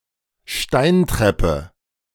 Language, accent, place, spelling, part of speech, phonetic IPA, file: German, Germany, Berlin, Steintreppe, noun, [ˈʃtaɪnˌtʁɛpə], De-Steintreppe.ogg
- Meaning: stone stairs